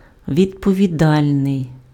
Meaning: 1. responsible, answerable, accountable, liable (having the duty or ability to be held to account) 2. responsible (conducting oneself in a reliable, trustworthy manner)
- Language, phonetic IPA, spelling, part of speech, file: Ukrainian, [ʋʲidpɔʋʲiˈdalʲnei̯], відповідальний, adjective, Uk-відповідальний.ogg